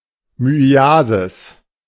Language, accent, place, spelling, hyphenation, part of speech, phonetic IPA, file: German, Germany, Berlin, Myiasis, My‧i‧a‧sis, noun, [myiˈaːzɪs], De-Myiasis.ogg
- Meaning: myiasis